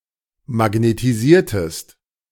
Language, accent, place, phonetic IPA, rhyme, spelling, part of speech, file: German, Germany, Berlin, [maɡnetiˈziːɐ̯təst], -iːɐ̯təst, magnetisiertest, verb, De-magnetisiertest.ogg
- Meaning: inflection of magnetisieren: 1. second-person singular preterite 2. second-person singular subjunctive II